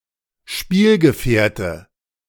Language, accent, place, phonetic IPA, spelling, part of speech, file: German, Germany, Berlin, [ˈʃpiːlɡəˌfɛːɐ̯tə], Spielgefährte, noun, De-Spielgefährte.ogg
- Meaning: playmate